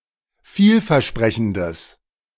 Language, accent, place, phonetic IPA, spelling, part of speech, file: German, Germany, Berlin, [ˈfiːlfɛɐ̯ˌʃpʁɛçn̩dəs], vielversprechendes, adjective, De-vielversprechendes.ogg
- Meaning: strong/mixed nominative/accusative neuter singular of vielversprechend